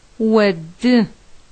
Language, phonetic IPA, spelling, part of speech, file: Adyghe, [wadə], оды, adjective, Wadə.ogg
- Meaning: slim